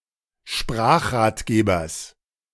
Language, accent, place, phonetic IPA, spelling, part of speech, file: German, Germany, Berlin, [ˈʃpʁaːxʁaːtˌɡeːbɐs], Sprachratgebers, noun, De-Sprachratgebers.ogg
- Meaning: genitive singular of Sprachratgeber